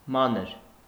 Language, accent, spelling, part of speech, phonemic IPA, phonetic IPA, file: Armenian, Eastern Armenian, մանր, adjective, /ˈmɑnəɾ/, [mɑ́nəɾ], Hy-մանր.ogg
- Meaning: 1. small, little, petty, minute; fine 2. petty, unimportant; small-minded, pettifogging